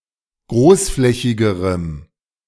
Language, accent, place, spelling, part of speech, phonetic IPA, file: German, Germany, Berlin, großflächigerem, adjective, [ˈɡʁoːsˌflɛçɪɡəʁəm], De-großflächigerem.ogg
- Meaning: strong dative masculine/neuter singular comparative degree of großflächig